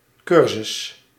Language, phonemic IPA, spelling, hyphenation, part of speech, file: Dutch, /ˈkʏr.zʏs/, cursus, cur‧sus, noun, Nl-cursus.ogg
- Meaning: 1. an educational course, on its own or as part of an academic or evening school curriculum 2. the documentation associated with a course, usually compiled by teachers themselves